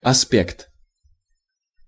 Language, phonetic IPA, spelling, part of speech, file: Russian, [ɐˈspʲekt], аспект, noun, Ru-аспект.ogg
- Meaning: aspect